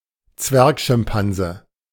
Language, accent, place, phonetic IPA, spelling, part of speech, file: German, Germany, Berlin, [ˈt͡svɛʁkʃɪmˌpanzə], Zwergschimpanse, noun, De-Zwergschimpanse.ogg
- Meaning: a pygmy chimpanzee